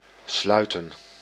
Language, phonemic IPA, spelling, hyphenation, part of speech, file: Dutch, /ˈslœy̯tə(n)/, sluiten, slui‧ten, verb, Nl-sluiten.ogg
- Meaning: 1. to close 2. to make, to affirm (a pact, friendship etc.)